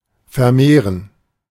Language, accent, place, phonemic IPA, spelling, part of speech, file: German, Germany, Berlin, /fɛɐ̯ˈmeːʁən/, vermehren, verb, De-vermehren.ogg
- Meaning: 1. to increase, multiply, augment 2. to breed